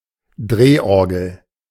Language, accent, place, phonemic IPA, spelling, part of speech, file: German, Germany, Berlin, /ˈdreːʔɔʁɡl̩/, Drehorgel, noun, De-Drehorgel.ogg
- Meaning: barrel organ (pipe instrument with air controlled pins in a revolving barrel)